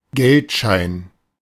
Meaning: banknote, bill
- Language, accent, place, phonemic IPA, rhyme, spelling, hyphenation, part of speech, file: German, Germany, Berlin, /ˈɡɛltˌʃaɪ̯n/, -aɪ̯n, Geldschein, Geld‧schein, noun, De-Geldschein.ogg